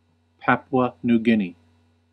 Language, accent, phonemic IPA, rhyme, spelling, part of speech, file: English, US, /ˈpæp.u.ə ˌnu ˈɡɪn.i/, -ɪni, Papua New Guinea, proper noun, En-us-Papua New Guinea.ogg
- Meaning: A country in Oceania. Official name: Independent State of Papua New Guinea. Capital and largest city: Port Moresby